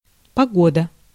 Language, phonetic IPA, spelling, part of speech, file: Russian, [pɐˈɡodə], погода, noun, Ru-погода.ogg
- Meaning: 1. weather 2. bad weather